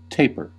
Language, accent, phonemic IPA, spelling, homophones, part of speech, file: English, US, /ˈteɪpɚ/, taper, tapir, noun / verb / adjective, En-us-taper.ogg
- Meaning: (noun) 1. A slender wax candle 2. A small light 3. A tapering form; gradual diminution of thickness and/or cross section in an elongated object 4. The portion of an object with such a form